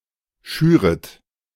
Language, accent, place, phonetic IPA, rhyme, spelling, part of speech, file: German, Germany, Berlin, [ˈʃyːʁət], -yːʁət, schüret, verb, De-schüret.ogg
- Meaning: second-person plural subjunctive I of schüren